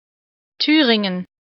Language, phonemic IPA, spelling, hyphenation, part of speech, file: German, /ˈtyːʁɪŋən/, Thüringen, Thü‧rin‧gen, proper noun, De-Thüringen.ogg
- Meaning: 1. Thuringia (a state in central Germany) 2. a municipality of Vorarlberg, Austria